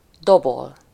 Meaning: 1. to drum, play the drum (to beat a drum) 2. to drum, tap (to beat something lightly with fingers or feet) 3. to drum (to beat a drum in order to give signal for alert, retreat, tattoo)
- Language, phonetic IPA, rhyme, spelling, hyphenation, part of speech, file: Hungarian, [ˈdobol], -ol, dobol, do‧bol, verb, Hu-dobol.ogg